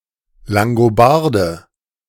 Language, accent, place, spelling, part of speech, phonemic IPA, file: German, Germany, Berlin, Langobarde, noun, /laŋɡoˈbaʁdə/, De-Langobarde.ogg
- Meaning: Lombard, Langobard (male or of unspecified gender) (from the tribe of the Lombards)